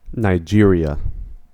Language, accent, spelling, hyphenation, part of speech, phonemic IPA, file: English, US, Nigeria, Ni‧ge‧ria, proper noun, /naɪˈd͡ʒɪɹiə/, En-us-Nigeria.ogg
- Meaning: A country in West Africa, south of the country of Niger. Official name: Federal Republic of Nigeria. Capital: Abuja. Largest city: Lagos. Currency: naira (₦)